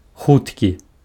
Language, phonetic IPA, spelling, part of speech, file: Belarusian, [ˈxutkʲi], хуткі, adjective, Be-хуткі.ogg
- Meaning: fast, quick